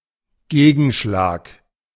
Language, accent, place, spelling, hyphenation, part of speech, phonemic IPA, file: German, Germany, Berlin, Gegenschlag, Ge‧gen‧schlag, noun, /ˈɡeːɡn̩ˌʃlaːk/, De-Gegenschlag.ogg
- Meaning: counterstrike